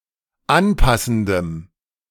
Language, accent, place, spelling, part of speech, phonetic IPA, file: German, Germany, Berlin, anpassendem, adjective, [ˈanˌpasn̩dəm], De-anpassendem.ogg
- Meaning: strong dative masculine/neuter singular of anpassend